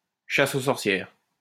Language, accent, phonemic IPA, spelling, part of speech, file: French, France, /ʃa.s‿o sɔʁ.sjɛʁ/, chasse aux sorcières, noun, LL-Q150 (fra)-chasse aux sorcières.wav
- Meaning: witch-hunt